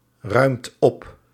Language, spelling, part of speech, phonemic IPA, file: Dutch, ruimt op, verb, /ˈrœymt ˈɔp/, Nl-ruimt op.ogg
- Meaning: inflection of opruimen: 1. second/third-person singular present indicative 2. plural imperative